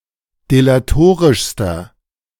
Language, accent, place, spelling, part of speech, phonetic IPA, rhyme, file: German, Germany, Berlin, delatorischster, adjective, [delaˈtoːʁɪʃstɐ], -oːʁɪʃstɐ, De-delatorischster.ogg
- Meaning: inflection of delatorisch: 1. strong/mixed nominative masculine singular superlative degree 2. strong genitive/dative feminine singular superlative degree 3. strong genitive plural superlative degree